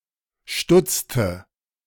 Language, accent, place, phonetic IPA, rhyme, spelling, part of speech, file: German, Germany, Berlin, [ˈʃtʊt͡stə], -ʊt͡stə, stutzte, verb, De-stutzte.ogg
- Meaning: inflection of stutzen: 1. first/third-person singular preterite 2. first/third-person singular subjunctive II